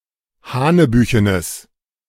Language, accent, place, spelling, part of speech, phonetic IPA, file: German, Germany, Berlin, hanebüchenes, adjective, [ˈhaːnəˌbyːçənəs], De-hanebüchenes.ogg
- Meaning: strong/mixed nominative/accusative neuter singular of hanebüchen